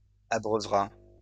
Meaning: third-person singular future of abreuver
- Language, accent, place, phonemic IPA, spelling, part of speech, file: French, France, Lyon, /a.bʁœ.vʁa/, abreuvera, verb, LL-Q150 (fra)-abreuvera.wav